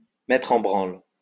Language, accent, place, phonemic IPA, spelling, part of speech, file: French, France, Lyon, /mɛ.tʁ‿ɑ̃ bʁɑ̃l/, mettre en branle, verb, LL-Q150 (fra)-mettre en branle.wav
- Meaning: to set in motion